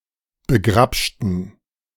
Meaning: inflection of begrapschen: 1. first/third-person plural preterite 2. first/third-person plural subjunctive II
- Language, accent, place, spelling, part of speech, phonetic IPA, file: German, Germany, Berlin, begrapschten, adjective / verb, [bəˈɡʁapʃtn̩], De-begrapschten.ogg